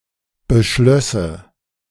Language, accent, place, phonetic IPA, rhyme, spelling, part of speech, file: German, Germany, Berlin, [bəˈʃlœsə], -œsə, beschlösse, verb, De-beschlösse.ogg
- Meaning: first/third-person singular subjunctive II of beschließen